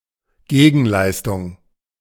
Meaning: return, return service, quid pro quo
- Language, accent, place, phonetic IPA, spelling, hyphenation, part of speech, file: German, Germany, Berlin, [ˈɡeːɡn̩ˌlaɪ̯stʊŋ], Gegenleistung, Ge‧gen‧leis‧tung, noun, De-Gegenleistung.ogg